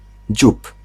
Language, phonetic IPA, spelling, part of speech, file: Polish, [d͡ʑup], dziób, noun / verb, Pl-dziób.ogg